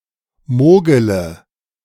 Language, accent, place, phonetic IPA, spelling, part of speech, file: German, Germany, Berlin, [ˈmoːɡələ], mogele, verb, De-mogele.ogg
- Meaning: inflection of mogeln: 1. first-person singular present 2. singular imperative 3. first/third-person singular subjunctive I